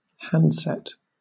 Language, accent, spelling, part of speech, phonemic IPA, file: English, Southern England, handset, noun / verb, /ˈhæn(d)sɛt/, LL-Q1860 (eng)-handset.wav
- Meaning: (noun) 1. The part of a landline telephone containing both receiver and transmitter (and sometimes dial), held in the hand 2. A mobile phone